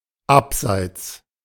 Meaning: 1. offside 2. margin, fringe
- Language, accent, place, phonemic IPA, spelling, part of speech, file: German, Germany, Berlin, /ˈapˌzaɪ̯ts/, Abseits, noun, De-Abseits.ogg